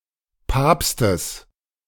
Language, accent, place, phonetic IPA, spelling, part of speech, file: German, Germany, Berlin, [ˈpaːpstəs], Papstes, noun, De-Papstes.ogg
- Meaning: genitive singular of Papst